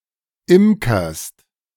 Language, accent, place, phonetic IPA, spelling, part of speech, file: German, Germany, Berlin, [ˈɪmkɐst], imkerst, verb, De-imkerst.ogg
- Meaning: second-person singular present of imkern